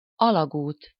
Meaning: tunnel (an underground or underwater passage)
- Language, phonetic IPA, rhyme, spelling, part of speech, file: Hungarian, [ˈɒlɒɡuːt], -uːt, alagút, noun, Hu-alagút.ogg